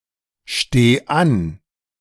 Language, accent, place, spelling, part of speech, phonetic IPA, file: German, Germany, Berlin, steh an, verb, [ˌʃteː ˈan], De-steh an.ogg
- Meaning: singular imperative of anstehen